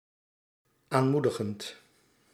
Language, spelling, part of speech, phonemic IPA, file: Dutch, aanmoedigend, verb / adjective, /ˈanmudəɣənt/, Nl-aanmoedigend.ogg
- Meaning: present participle of aanmoedigen